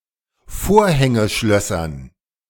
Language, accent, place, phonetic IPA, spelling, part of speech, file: German, Germany, Berlin, [ˈfoːɐ̯hɛŋəˌʃlœsɐn], Vorhängeschlössern, noun, De-Vorhängeschlössern.ogg
- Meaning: dative plural of Vorhängeschloss